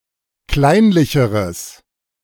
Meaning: strong/mixed nominative/accusative neuter singular comparative degree of kleinlich
- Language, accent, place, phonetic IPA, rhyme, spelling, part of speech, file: German, Germany, Berlin, [ˈklaɪ̯nlɪçəʁəs], -aɪ̯nlɪçəʁəs, kleinlicheres, adjective, De-kleinlicheres.ogg